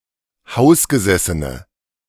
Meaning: inflection of hausgesessen: 1. strong/mixed nominative/accusative feminine singular 2. strong nominative/accusative plural 3. weak nominative all-gender singular
- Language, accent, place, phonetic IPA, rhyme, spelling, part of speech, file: German, Germany, Berlin, [ˈhaʊ̯sɡəˌzɛsənə], -aʊ̯sɡəzɛsənə, hausgesessene, adjective, De-hausgesessene.ogg